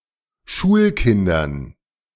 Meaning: dative plural of Schulkind
- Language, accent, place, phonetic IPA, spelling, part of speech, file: German, Germany, Berlin, [ˈʃuːlˌkɪndɐn], Schulkindern, noun, De-Schulkindern.ogg